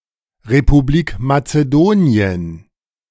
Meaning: Republic of Macedonia (former official name of North Macedonia: a country in Southeastern Europe, on the Balkan Peninsula)
- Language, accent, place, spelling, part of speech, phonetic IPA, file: German, Germany, Berlin, Republik Mazedonien, noun, [ʁepuˈbliːk mat͡səˈdoːni̯ən], De-Republik Mazedonien.ogg